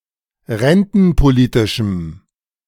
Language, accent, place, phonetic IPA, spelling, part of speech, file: German, Germany, Berlin, [ˈʁɛntn̩poˌliːtɪʃm̩], rentenpolitischem, adjective, De-rentenpolitischem.ogg
- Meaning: strong dative masculine/neuter singular of rentenpolitisch